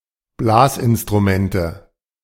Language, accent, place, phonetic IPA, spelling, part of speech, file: German, Germany, Berlin, [ˈblaːsʔɪnstʁuˌmɛntə], Blasinstrumente, noun, De-Blasinstrumente.ogg
- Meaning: nominative/accusative/genitive plural of Blasinstrument